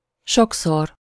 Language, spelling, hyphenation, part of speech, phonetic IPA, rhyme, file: Hungarian, sokszor, sok‧szor, adverb, [ˈʃoksor], -or, Hu-sokszor.ogg
- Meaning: many times, frequently, often, a lot